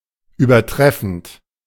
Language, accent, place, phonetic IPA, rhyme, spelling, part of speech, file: German, Germany, Berlin, [yːbɐˈtʁɛfn̩t], -ɛfn̩t, übertreffend, verb, De-übertreffend.ogg
- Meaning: present participle of übertreffen